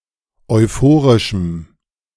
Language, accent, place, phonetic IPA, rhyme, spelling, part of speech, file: German, Germany, Berlin, [ɔɪ̯ˈfoːʁɪʃm̩], -oːʁɪʃm̩, euphorischem, adjective, De-euphorischem.ogg
- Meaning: strong dative masculine/neuter singular of euphorisch